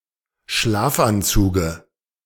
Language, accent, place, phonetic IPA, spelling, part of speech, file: German, Germany, Berlin, [ˈʃlaːfʔanˌt͡suːɡə], Schlafanzuge, noun, De-Schlafanzuge.ogg
- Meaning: dative of Schlafanzug